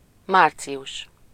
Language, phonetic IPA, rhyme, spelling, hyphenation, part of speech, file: Hungarian, [ˈmaːrt͡sijuʃ], -uʃ, március, már‧ci‧us, noun, Hu-március.ogg
- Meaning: March